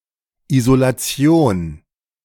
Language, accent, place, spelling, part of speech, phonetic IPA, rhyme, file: German, Germany, Berlin, Isolation, noun, [izolaˈt͡si̯oːn], -oːn, De-Isolation.ogg
- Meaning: 1. isolation (act of isolating) 2. isolation (state of being isolated)